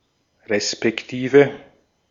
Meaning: respectively
- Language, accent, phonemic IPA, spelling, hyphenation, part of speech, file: German, Austria, /respɛkˈtiːve/, respektive, res‧pek‧ti‧ve, conjunction, De-at-respektive.ogg